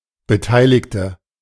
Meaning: 1. female equivalent of Beteiligter: female participant 2. inflection of Beteiligter: strong nominative/accusative plural 3. inflection of Beteiligter: weak nominative singular
- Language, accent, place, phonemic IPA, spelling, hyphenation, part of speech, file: German, Germany, Berlin, /bəˈtaɪ̯lɪçtə/, Beteiligte, Be‧tei‧lig‧te, noun, De-Beteiligte.ogg